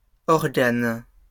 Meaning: plural of organe
- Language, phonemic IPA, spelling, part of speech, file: French, /ɔʁ.ɡan/, organes, noun, LL-Q150 (fra)-organes.wav